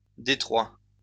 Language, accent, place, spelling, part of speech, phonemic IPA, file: French, France, Lyon, détroits, noun, /de.tʁwa/, LL-Q150 (fra)-détroits.wav
- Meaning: plural of détroit